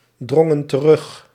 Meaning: inflection of terugdringen: 1. plural past indicative 2. plural past subjunctive
- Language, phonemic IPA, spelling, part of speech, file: Dutch, /ˈdrɔŋə(n) t(ə)ˈrʏx/, drongen terug, verb, Nl-drongen terug.ogg